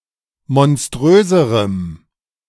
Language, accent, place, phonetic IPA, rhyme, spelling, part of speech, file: German, Germany, Berlin, [mɔnˈstʁøːzəʁəm], -øːzəʁəm, monströserem, adjective, De-monströserem.ogg
- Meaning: strong dative masculine/neuter singular comparative degree of monströs